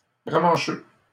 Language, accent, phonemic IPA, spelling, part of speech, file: French, Canada, /ʁa.mɑ̃.ʃø/, ramancheux, noun, LL-Q150 (fra)-ramancheux.wav
- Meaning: alternative form of ramancheur